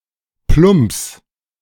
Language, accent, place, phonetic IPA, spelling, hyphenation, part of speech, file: German, Germany, Berlin, [ˈplʊmps], plumps, plumps, interjection / verb, De-plumps.ogg
- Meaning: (interjection) plop!, flop!, bump!; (verb) singular imperative of plumpsen